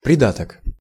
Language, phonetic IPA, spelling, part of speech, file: Russian, [prʲɪˈdatək], придаток, noun, Ru-придаток.ogg
- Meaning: 1. appendage, addition, supplement 2. appendix 3. hypophysis